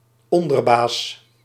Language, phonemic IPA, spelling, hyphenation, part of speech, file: Dutch, /ˈɔndərˌbas/, onderbaas, on‧der‧baas, noun, Nl-onderbaas.ogg
- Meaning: 1. a generic term referring to a person that acts on behalf of their superior in the event of the said superior's absence, such as an acting manager of a firm; a deputy, a lieutenant 2. an underboss